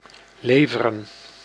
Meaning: 1. to supply 2. to deliver
- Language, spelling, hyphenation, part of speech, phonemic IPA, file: Dutch, leveren, le‧ve‧ren, verb, /ˈleː.və.rə(n)/, Nl-leveren.ogg